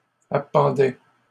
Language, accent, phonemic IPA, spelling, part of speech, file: French, Canada, /a.pɑ̃.dɛ/, appendait, verb, LL-Q150 (fra)-appendait.wav
- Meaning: third-person singular imperfect indicative of appendre